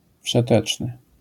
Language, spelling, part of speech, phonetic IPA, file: Polish, wszeteczny, adjective, [fʃɛˈtɛt͡ʃnɨ], LL-Q809 (pol)-wszeteczny.wav